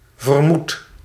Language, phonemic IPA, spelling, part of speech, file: Dutch, /vərˈmut/, vermoed, verb, Nl-vermoed.ogg
- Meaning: inflection of vermoeden: 1. first-person singular present indicative 2. second-person singular present indicative 3. imperative